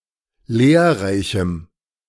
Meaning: strong dative masculine/neuter singular of lehrreich
- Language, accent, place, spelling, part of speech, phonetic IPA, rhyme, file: German, Germany, Berlin, lehrreichem, adjective, [ˈleːɐ̯ˌʁaɪ̯çm̩], -eːɐ̯ʁaɪ̯çm̩, De-lehrreichem.ogg